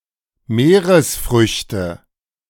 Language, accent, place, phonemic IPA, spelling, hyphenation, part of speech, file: German, Germany, Berlin, /ˈmeːʁəsˌfʁʏçtə/, Meeresfrüchte, Mee‧res‧früch‧te, noun, De-Meeresfrüchte.ogg
- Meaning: seafood